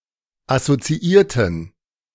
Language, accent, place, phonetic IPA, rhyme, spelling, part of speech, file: German, Germany, Berlin, [asot͡siˈiːɐ̯tn̩], -iːɐ̯tn̩, assoziierten, adjective / verb, De-assoziierten.ogg
- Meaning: inflection of assoziieren: 1. first/third-person plural preterite 2. first/third-person plural subjunctive II